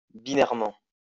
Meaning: binarily
- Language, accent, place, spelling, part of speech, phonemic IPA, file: French, France, Lyon, binairement, adverb, /bi.nɛʁ.mɑ̃/, LL-Q150 (fra)-binairement.wav